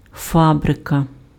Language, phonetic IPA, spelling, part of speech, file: Ukrainian, [ˈfabrekɐ], фабрика, noun, Uk-фабрика.ogg
- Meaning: a factory